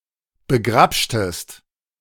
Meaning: inflection of begrapschen: 1. second-person singular preterite 2. second-person singular subjunctive II
- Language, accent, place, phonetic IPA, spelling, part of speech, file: German, Germany, Berlin, [bəˈɡʁapʃtəst], begrapschtest, verb, De-begrapschtest.ogg